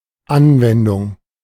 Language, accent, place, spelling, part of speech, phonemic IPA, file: German, Germany, Berlin, Anwendung, noun, /ˈʔanvɛndʊŋ/, De-Anwendung.ogg
- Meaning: application, usage, utilization